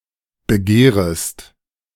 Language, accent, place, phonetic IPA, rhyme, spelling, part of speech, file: German, Germany, Berlin, [bəˈɡeːʁəst], -eːʁəst, begehrest, verb, De-begehrest.ogg
- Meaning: second-person singular subjunctive I of begehren